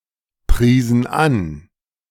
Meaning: inflection of anpreisen: 1. first/third-person plural preterite 2. first/third-person plural subjunctive II
- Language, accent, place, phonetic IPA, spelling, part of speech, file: German, Germany, Berlin, [ˌpʁiːzn̩ ˈan], priesen an, verb, De-priesen an.ogg